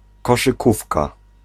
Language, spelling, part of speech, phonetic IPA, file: Polish, koszykówka, noun, [ˌkɔʃɨˈkufka], Pl-koszykówka.ogg